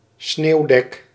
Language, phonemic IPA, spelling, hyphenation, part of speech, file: Dutch, /ˈsneːu̯.dɛk/, sneeuwdek, sneeuw‧dek, noun, Nl-sneeuwdek.ogg
- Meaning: snow cover